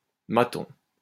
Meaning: jailer
- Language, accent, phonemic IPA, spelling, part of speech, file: French, France, /ma.tɔ̃/, maton, noun, LL-Q150 (fra)-maton.wav